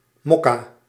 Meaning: 1. mocha (type of coffee) 2. mocha (flavour) 3. mocha (colour)
- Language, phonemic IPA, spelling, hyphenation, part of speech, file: Dutch, /ˈmɔ.kaː/, mokka, mok‧ka, noun, Nl-mokka.ogg